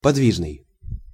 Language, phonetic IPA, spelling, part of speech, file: Russian, [pɐdˈvʲiʐnɨj], подвижный, adjective, Ru-подвижный.ogg
- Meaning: 1. mobile 2. lively, active 3. agile, nimble